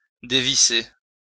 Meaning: 1. to unscrew, undo 2. to remove (the lid from a container) 3. to lose one's grip and fall 4. to drop sharply, to plunge, to plummet
- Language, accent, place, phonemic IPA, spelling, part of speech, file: French, France, Lyon, /de.vi.se/, dévisser, verb, LL-Q150 (fra)-dévisser.wav